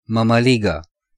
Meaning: 1. mamaliga, cornmeal mush, polenta (a porridge-like dish made of coarse maize-meal) 2. wimp, wuss
- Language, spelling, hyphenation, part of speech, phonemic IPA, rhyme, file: Romanian, mămăligă, mă‧mă‧li‧gă, noun, /mə.məˈli.ɡə/, -iɡə, Ro-mămăligă.ogg